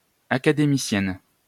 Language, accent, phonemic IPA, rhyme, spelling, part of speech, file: French, France, /a.ka.de.mi.sjɛn/, -ɛn, académicienne, noun, LL-Q150 (fra)-académicienne.wav
- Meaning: female equivalent of académicien